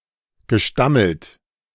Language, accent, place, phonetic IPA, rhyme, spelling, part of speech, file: German, Germany, Berlin, [ɡəˈʃtaml̩t], -aml̩t, gestammelt, verb, De-gestammelt.ogg
- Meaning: past participle of stammeln